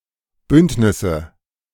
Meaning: nominative/accusative/genitive plural of Bündnis
- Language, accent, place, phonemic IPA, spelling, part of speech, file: German, Germany, Berlin, /ˈbʏntnɪsə/, Bündnisse, noun, De-Bündnisse.ogg